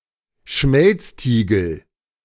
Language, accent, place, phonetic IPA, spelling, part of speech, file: German, Germany, Berlin, [ˈʃmɛlt͡sˌtiːɡl̩], Schmelztiegel, noun, De-Schmelztiegel.ogg
- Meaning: melting pot